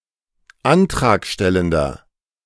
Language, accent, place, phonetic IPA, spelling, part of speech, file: German, Germany, Berlin, [ˈantʁaːkˌʃtɛləndɐ], antragstellender, adjective, De-antragstellender.ogg
- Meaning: inflection of antragstellend: 1. strong/mixed nominative masculine singular 2. strong genitive/dative feminine singular 3. strong genitive plural